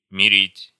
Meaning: to reconcile
- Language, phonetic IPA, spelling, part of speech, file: Russian, [mʲɪˈrʲitʲ], мирить, verb, Ru-мирить.ogg